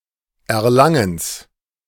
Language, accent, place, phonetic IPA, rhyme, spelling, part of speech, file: German, Germany, Berlin, [ˌɛɐ̯ˈlaŋəns], -aŋəns, Erlangens, noun, De-Erlangens.ogg
- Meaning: genitive of Erlangen